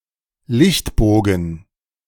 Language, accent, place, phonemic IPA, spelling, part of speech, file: German, Germany, Berlin, /ˈlɪçtˌboːɡn̩/, Lichtbogen, noun, De-Lichtbogen.ogg
- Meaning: arc